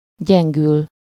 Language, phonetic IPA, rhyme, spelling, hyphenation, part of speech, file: Hungarian, [ˈɟɛŋɡyl], -yl, gyengül, gyen‧gül, verb, Hu-gyengül.ogg
- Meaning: to weaken, decline